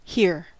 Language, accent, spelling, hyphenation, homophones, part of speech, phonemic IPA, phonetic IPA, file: English, US, hear, hear, here / hir / hair, verb / interjection, /ˈhɪɚ/, [ˈhɪɹ̩], En-us-hear.ogg
- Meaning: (verb) 1. To perceive sounds through the ear 2. To perceive (a sound, or something producing a sound) with the ear, to recognize (something) in an auditory way